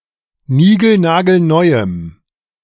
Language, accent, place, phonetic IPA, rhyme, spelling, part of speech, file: German, Germany, Berlin, [ˈniːɡl̩naːɡl̩ˈnɔɪ̯əm], -ɔɪ̯əm, nigelnagelneuem, adjective, De-nigelnagelneuem.ogg
- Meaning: strong dative masculine/neuter singular of nigelnagelneu